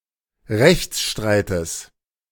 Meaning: genitive of Rechtsstreit
- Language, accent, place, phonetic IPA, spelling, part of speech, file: German, Germany, Berlin, [ˈʁɛçt͡sˌʃtʁaɪ̯təs], Rechtsstreites, noun, De-Rechtsstreites.ogg